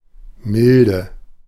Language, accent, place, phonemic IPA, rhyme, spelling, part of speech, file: German, Germany, Berlin, /ˈmɪldə/, -ɪldə, Milde, noun, De-Milde.ogg
- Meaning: 1. mildness, leniency (a sensory property; and figuratively a characteristic of a man’s behaviour) 2. obsolete form of Melde (“saltbush”)